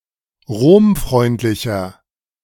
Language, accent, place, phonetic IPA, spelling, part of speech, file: German, Germany, Berlin, [ˈʁoːmˌfʁɔɪ̯ntlɪçɐ], romfreundlicher, adjective, De-romfreundlicher.ogg
- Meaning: inflection of romfreundlich: 1. strong/mixed nominative masculine singular 2. strong genitive/dative feminine singular 3. strong genitive plural